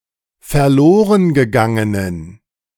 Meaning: inflection of verlorengegangen: 1. strong genitive masculine/neuter singular 2. weak/mixed genitive/dative all-gender singular 3. strong/weak/mixed accusative masculine singular
- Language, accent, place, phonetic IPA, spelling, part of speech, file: German, Germany, Berlin, [fɛɐ̯ˈloːʁənɡəˌɡaŋənən], verlorengegangenen, adjective, De-verlorengegangenen.ogg